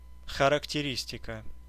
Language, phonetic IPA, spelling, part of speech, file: Russian, [xərəktʲɪˈrʲisʲtʲɪkə], характеристика, noun, Ru-характеристика.ogg
- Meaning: 1. characterization, description (act or process of characterizing) 2. testimonial, reference (information about a person) 3. characteristic (the integer part of a logarithm)